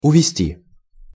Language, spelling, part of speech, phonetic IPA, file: Russian, увезти, verb, [ʊvʲɪˈsʲtʲi], Ru-увезти.ogg
- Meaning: 1. to take away, to carry away (by vehicle) 2. to abduct, to kidnap